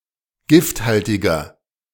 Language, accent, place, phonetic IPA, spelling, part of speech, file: German, Germany, Berlin, [ˈɡɪftˌhaltɪɡɐ], gifthaltiger, adjective, De-gifthaltiger.ogg
- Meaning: inflection of gifthaltig: 1. strong/mixed nominative masculine singular 2. strong genitive/dative feminine singular 3. strong genitive plural